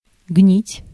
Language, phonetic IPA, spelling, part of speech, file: Russian, [ɡnʲitʲ], гнить, verb, Ru-гнить.ogg
- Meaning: 1. to rot, to go bad, to putrefy, to decompose, to decay 2. teeth to become carious 3. water to stagnate